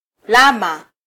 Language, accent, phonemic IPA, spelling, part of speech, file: Swahili, Kenya, /ˈlɑ.mɑ/, lama, noun, Sw-ke-lama.flac
- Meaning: llama (camelid animal)